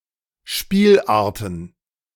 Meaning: plural of Spielart
- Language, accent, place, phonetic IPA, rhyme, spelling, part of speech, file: German, Germany, Berlin, [ˈʃpiːlˌʔaːɐ̯tn̩], -iːlʔaːɐ̯tn̩, Spielarten, noun, De-Spielarten.ogg